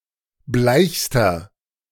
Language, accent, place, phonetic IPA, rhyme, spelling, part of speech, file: German, Germany, Berlin, [ˈblaɪ̯çstɐ], -aɪ̯çstɐ, bleichster, adjective, De-bleichster.ogg
- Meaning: inflection of bleich: 1. strong/mixed nominative masculine singular superlative degree 2. strong genitive/dative feminine singular superlative degree 3. strong genitive plural superlative degree